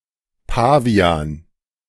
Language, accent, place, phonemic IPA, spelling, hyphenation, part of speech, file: German, Germany, Berlin, /ˈpa(ː)vi̯aːn/, Pavian, Pa‧vi‧an, noun, De-Pavian.ogg
- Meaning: baboon (primate)